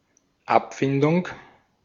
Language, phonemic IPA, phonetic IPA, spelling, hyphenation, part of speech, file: German, /ˈapˌfɪndʊŋ/, [ˈʔapˌfɪndʊŋ], Abfindung, Ab‧fin‧dung, noun, De-at-Abfindung.ogg
- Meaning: settlement, compensation